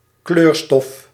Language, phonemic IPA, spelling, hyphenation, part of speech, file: Dutch, /ˈklørstɔf/, kleurstof, kleur‧stof, noun, Nl-kleurstof.ogg
- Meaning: dye, colorant